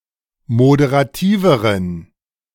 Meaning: inflection of moderativ: 1. strong genitive masculine/neuter singular comparative degree 2. weak/mixed genitive/dative all-gender singular comparative degree
- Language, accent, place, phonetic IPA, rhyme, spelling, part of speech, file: German, Germany, Berlin, [modeʁaˈtiːvəʁən], -iːvəʁən, moderativeren, adjective, De-moderativeren.ogg